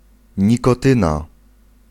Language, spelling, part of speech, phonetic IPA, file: Polish, nikotyna, noun, [ˌɲikɔˈtɨ̃na], Pl-nikotyna.ogg